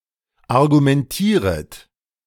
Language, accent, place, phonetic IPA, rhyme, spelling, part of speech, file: German, Germany, Berlin, [aʁɡumɛnˈtiːʁət], -iːʁət, argumentieret, verb, De-argumentieret.ogg
- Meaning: second-person plural subjunctive I of argumentieren